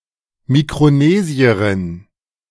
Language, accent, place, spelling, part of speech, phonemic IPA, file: German, Germany, Berlin, Mikronesierin, noun, /mikʁoˈneːziɐʁɪn/, De-Mikronesierin.ogg
- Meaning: Micronesian (woman from Micronesia or of Micronesian descent)